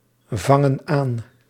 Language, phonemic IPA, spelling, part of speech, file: Dutch, /ˈvɑŋə(n) ˈan/, vangen aan, verb, Nl-vangen aan.ogg
- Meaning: inflection of aanvangen: 1. plural present indicative 2. plural present subjunctive